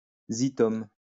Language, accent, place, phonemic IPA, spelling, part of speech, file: French, France, Lyon, /zi.tɔm/, zythum, noun, LL-Q150 (fra)-zythum.wav
- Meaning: zythum